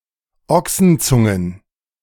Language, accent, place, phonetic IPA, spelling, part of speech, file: German, Germany, Berlin, [ˈɔksn̩ˌt͡sʊŋən], Ochsenzungen, noun, De-Ochsenzungen.ogg
- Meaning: plural of Ochsenzunge